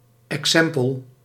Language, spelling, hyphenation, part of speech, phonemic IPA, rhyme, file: Dutch, exempel, exem‧pel, noun, /ɛkˈsɛm.pəl/, -ɛmpəl, Nl-exempel.ogg
- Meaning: 1. a short moralising didactic story about exemplary conduct 2. an example